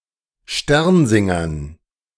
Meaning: dative plural of Sternsinger
- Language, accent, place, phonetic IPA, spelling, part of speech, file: German, Germany, Berlin, [ˈʃtɛʁnˌzɪŋɐn], Sternsingern, noun, De-Sternsingern.ogg